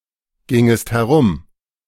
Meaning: second-person singular subjunctive II of herumgehen
- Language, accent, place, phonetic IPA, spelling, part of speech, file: German, Germany, Berlin, [ˌɡɪŋəst hɛˈʁʊm], gingest herum, verb, De-gingest herum.ogg